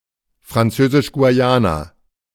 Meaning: French Guiana (an overseas department and administrative region of France in South America)
- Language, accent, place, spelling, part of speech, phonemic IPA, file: German, Germany, Berlin, Französisch-Guayana, proper noun, /fʁanˌtsøːzɪʃ ɡuaˈjaːna/, De-Französisch-Guayana.ogg